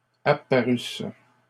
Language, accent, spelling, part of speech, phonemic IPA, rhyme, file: French, Canada, apparusses, verb, /a.pa.ʁys/, -ys, LL-Q150 (fra)-apparusses.wav
- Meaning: second-person singular imperfect subjunctive of apparaître